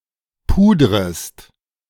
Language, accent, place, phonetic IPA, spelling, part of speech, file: German, Germany, Berlin, [ˈpuːdʁəst], pudrest, verb, De-pudrest.ogg
- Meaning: second-person singular subjunctive I of pudern